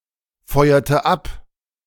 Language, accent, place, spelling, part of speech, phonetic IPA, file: German, Germany, Berlin, feuerte ab, verb, [ˌfɔɪ̯ɐtə ˈap], De-feuerte ab.ogg
- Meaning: inflection of abfeuern: 1. first/third-person singular preterite 2. first/third-person singular subjunctive II